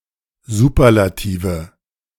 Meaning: nominative/accusative/genitive plural of Superlativ
- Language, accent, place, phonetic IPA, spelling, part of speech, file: German, Germany, Berlin, [ˈzuːpɐlatiːvə], Superlative, noun, De-Superlative.ogg